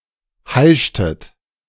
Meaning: inflection of heischen: 1. second-person plural preterite 2. second-person plural subjunctive II
- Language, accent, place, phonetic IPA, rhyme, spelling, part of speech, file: German, Germany, Berlin, [ˈhaɪ̯ʃtət], -aɪ̯ʃtət, heischtet, verb, De-heischtet.ogg